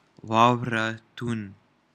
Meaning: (noun) place/home of snow; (proper noun) Himalayas
- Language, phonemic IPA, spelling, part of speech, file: Pashto, /wɑˈwraˈt̪un/, واورتون, noun / proper noun, Ps-واورتون.oga